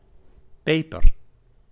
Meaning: 1. pepper (Piper nigrum or the spice obtained from its berries) 2. pepper (Capsicum plants or their fruit used as vegetable or spice)
- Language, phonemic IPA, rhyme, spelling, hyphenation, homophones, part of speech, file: Dutch, /ˈpeː.pər/, -eːpər, peper, pe‧per, paper, noun, Nl-peper.ogg